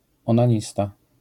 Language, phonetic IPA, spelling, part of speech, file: Polish, [ˌɔ̃nãˈɲista], onanista, noun, LL-Q809 (pol)-onanista.wav